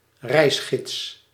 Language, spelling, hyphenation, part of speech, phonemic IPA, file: Dutch, reisgids, reis‧gids, noun, /ˈrɛi̯s.xɪts/, Nl-reisgids.ogg
- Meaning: travel guide